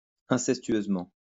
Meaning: incestuously
- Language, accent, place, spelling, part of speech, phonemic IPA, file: French, France, Lyon, incestueusement, adverb, /ɛ̃.sɛs.tɥøz.mɑ̃/, LL-Q150 (fra)-incestueusement.wav